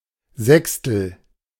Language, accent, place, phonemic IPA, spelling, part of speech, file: German, Germany, Berlin, /ˈzɛkstl̩/, sechstel, adjective, De-sechstel.ogg
- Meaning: sixth